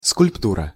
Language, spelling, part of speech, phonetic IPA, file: Russian, скульптура, noun, [skʊlʲpˈturə], Ru-скульптура.ogg
- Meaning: 1. sculpture (art of sculpting) 2. sculpture (collective, the works of a sculptor) 3. sculpture (a sculpted piece)